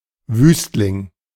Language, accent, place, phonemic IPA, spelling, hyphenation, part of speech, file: German, Germany, Berlin, /ˈvyːstlɪŋ/, Wüstling, Wüst‧ling, noun, De-Wüstling.ogg
- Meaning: libertine, lecher